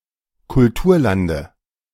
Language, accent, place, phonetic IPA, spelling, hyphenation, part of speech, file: German, Germany, Berlin, [kʊlˈtuːɐ̯ˌlandə], Kulturlande, Kul‧tur‧lan‧de, noun, De-Kulturlande.ogg
- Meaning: dative singular of Kulturland